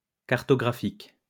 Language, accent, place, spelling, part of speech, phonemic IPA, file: French, France, Lyon, cartographique, adjective, /kaʁ.tɔ.ɡʁa.fik/, LL-Q150 (fra)-cartographique.wav
- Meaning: cartography; cartographic